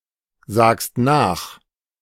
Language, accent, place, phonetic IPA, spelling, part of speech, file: German, Germany, Berlin, [ˌzaːkst ˈnaːx], sagst nach, verb, De-sagst nach.ogg
- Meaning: second-person singular present of nachsagen